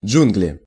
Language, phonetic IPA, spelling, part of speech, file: Russian, [ˈd͡ʐʐunɡlʲɪ], джунгли, noun, Ru-джунгли.ogg
- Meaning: jungle